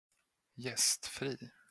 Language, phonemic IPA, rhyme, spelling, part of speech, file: Swedish, /²jɛstˌfriː/, -iː, gästfri, adjective, Sv-gästfri.flac
- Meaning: hospitable (welcoming and generous towards guests)